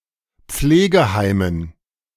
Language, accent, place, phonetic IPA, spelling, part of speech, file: German, Germany, Berlin, [ˈp͡fleːɡəˌhaɪ̯mən], Pflegeheimen, noun, De-Pflegeheimen.ogg
- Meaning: dative plural of Pflegeheim